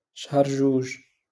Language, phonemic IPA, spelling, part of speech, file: Moroccan Arabic, /ʃhar ʒuːʒ/, شهر جوج, proper noun, LL-Q56426 (ary)-شهر جوج.wav
- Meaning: February